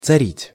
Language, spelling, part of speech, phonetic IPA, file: Russian, царить, verb, [t͡sɐˈrʲitʲ], Ru-царить.ogg
- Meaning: 1. to be a tsar (monarch), to reign 2. to reign, to dominate, to prevail